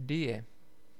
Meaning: a river in Central Europe which is a tributary to the Morava River
- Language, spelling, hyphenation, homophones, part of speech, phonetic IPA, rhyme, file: Czech, Dyje, Dy‧je, Die, proper noun, [ˈdɪjɛ], -ɪjɛ, Cs-Dyje.ogg